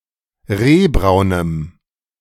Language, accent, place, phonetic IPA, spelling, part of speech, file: German, Germany, Berlin, [ˈʁeːˌbʁaʊ̯nəm], rehbraunem, adjective, De-rehbraunem.ogg
- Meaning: strong dative masculine/neuter singular of rehbraun